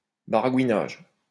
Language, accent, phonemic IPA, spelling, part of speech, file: French, France, /ba.ʁa.ɡwi.naʒ/, baragouinage, noun, LL-Q150 (fra)-baragouinage.wav
- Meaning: 1. gibbering 2. gibberish